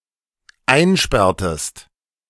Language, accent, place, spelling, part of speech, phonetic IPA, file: German, Germany, Berlin, einsperrtest, verb, [ˈaɪ̯nˌʃpɛʁtəst], De-einsperrtest.ogg
- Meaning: inflection of einsperren: 1. second-person singular dependent preterite 2. second-person singular dependent subjunctive II